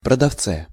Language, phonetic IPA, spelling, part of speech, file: Russian, [prədɐfˈt͡sɛ], продавце, noun, Ru-продавце.ogg
- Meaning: prepositional singular of продаве́ц (prodavéc)